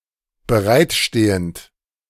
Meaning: present participle of bereitstehen
- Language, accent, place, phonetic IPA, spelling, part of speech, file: German, Germany, Berlin, [bəˈʁaɪ̯tˌʃteːənt], bereitstehend, verb, De-bereitstehend.ogg